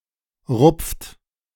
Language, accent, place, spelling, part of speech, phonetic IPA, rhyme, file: German, Germany, Berlin, rupft, verb, [ʁʊp͡ft], -ʊp͡ft, De-rupft.ogg
- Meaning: inflection of rupfen: 1. second-person plural present 2. third-person singular present 3. plural imperative